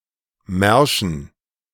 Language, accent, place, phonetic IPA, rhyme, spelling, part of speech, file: German, Germany, Berlin, [ˈmɛʁʃn̩], -ɛʁʃn̩, Märschen, noun, De-Märschen.ogg
- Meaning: dative plural of Marsch